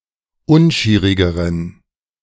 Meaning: inflection of unschierig: 1. strong genitive masculine/neuter singular comparative degree 2. weak/mixed genitive/dative all-gender singular comparative degree
- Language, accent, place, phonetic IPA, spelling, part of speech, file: German, Germany, Berlin, [ˈʊnˌʃiːʁɪɡəʁən], unschierigeren, adjective, De-unschierigeren.ogg